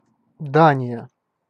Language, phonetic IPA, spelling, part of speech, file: Russian, [ˈdanʲɪjə], Дания, proper noun, Ru-Дания.ogg
- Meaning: Denmark (a country in Northern Europe)